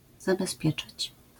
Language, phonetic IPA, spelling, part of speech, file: Polish, [ˌzabɛˈspʲjɛt͡ʃat͡ɕ], zabezpieczać, verb, LL-Q809 (pol)-zabezpieczać.wav